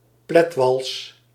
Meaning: 1. road roller, roll, roller 2. a winner who trounces her/his opponents
- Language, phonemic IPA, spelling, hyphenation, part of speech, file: Dutch, /ˈplɛt.ʋɑls/, pletwals, plet‧wals, noun, Nl-pletwals.ogg